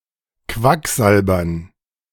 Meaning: dative plural of Quacksalber
- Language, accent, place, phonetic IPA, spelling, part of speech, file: German, Germany, Berlin, [ˈkvakˌzalbɐn], Quacksalbern, noun, De-Quacksalbern.ogg